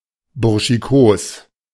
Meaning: 1. casual, informal 2. tomboyish
- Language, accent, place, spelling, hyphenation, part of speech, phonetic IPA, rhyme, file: German, Germany, Berlin, burschikos, bur‧schi‧kos, adjective, [ˌbʊʁʃiˈkoːs], -oːs, De-burschikos.ogg